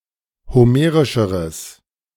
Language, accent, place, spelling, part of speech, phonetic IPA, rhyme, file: German, Germany, Berlin, homerischeres, adjective, [hoˈmeːʁɪʃəʁəs], -eːʁɪʃəʁəs, De-homerischeres.ogg
- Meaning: strong/mixed nominative/accusative neuter singular comparative degree of homerisch